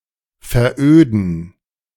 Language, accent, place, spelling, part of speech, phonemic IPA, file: German, Germany, Berlin, veröden, verb, /fɛɐˈøːdn̩/, De-veröden.ogg
- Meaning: 1. to sclerose 2. to become desolate/stultified